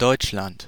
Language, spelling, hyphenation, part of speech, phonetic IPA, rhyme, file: German, Deutschland, Deutsch‧land, proper noun, [ˈdɔʏ̯t͡ʃlant], -ant, De-Deutschland.ogg
- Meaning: Germany (a nation or civilization occupying the country around the Rhine, Elbe, and upper Danube Rivers in Central Europe, taken as a whole under its various governments)